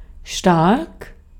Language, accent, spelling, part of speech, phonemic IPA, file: German, Austria, stark, adjective, /ʃtark/, De-at-stark.ogg
- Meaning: 1. strong (intense, powerful, unyielding) 2. strong (having a high concentration of some ingredient, e.g. alcohol) 3. good, great, skilled 4. brilliant, awesome 5. incredible, unbelievable